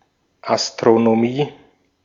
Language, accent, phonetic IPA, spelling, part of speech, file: German, Austria, [ʔastʁonoˈmiː], Astronomie, noun, De-at-Astronomie.ogg
- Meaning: astronomy